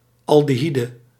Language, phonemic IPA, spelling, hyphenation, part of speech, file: Dutch, /ɑldəˈɦidə/, aldehyde, al‧de‧hy‧de, noun, Nl-aldehyde.ogg
- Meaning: aldehyde